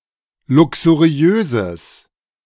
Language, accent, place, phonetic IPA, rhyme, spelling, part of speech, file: German, Germany, Berlin, [ˌlʊksuˈʁi̯øːzəs], -øːzəs, luxuriöses, adjective, De-luxuriöses.ogg
- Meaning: strong/mixed nominative/accusative neuter singular of luxuriös